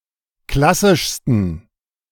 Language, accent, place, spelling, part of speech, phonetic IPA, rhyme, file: German, Germany, Berlin, klassischsten, adjective, [ˈklasɪʃstn̩], -asɪʃstn̩, De-klassischsten.ogg
- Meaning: 1. superlative degree of klassisch 2. inflection of klassisch: strong genitive masculine/neuter singular superlative degree